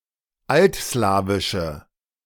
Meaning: inflection of altslawisch: 1. strong/mixed nominative/accusative feminine singular 2. strong nominative/accusative plural 3. weak nominative all-gender singular
- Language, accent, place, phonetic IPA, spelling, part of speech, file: German, Germany, Berlin, [ˈaltˌslaːvɪʃə], altslawische, adjective, De-altslawische.ogg